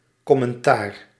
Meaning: 1. commentary, comment (act or result of commenting) 2. comment (message or speech act in which comment is given) 3. commentary (text genre commenting on something, e.g. another text) 4. criticism
- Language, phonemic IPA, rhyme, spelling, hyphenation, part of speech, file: Dutch, /ˌkɔ.mɛnˈtaːr/, -aːr, commentaar, com‧men‧taar, noun, Nl-commentaar.ogg